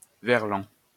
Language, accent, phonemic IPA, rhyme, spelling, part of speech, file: French, France, /vɛʁ.lɑ̃/, -ɑ̃, verlan, noun, LL-Q150 (fra)-verlan.wav
- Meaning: verlan (type of backslang used in French)